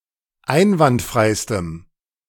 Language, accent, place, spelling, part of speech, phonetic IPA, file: German, Germany, Berlin, einwandfreistem, adjective, [ˈaɪ̯nvantˌfʁaɪ̯stəm], De-einwandfreistem.ogg
- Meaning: strong dative masculine/neuter singular superlative degree of einwandfrei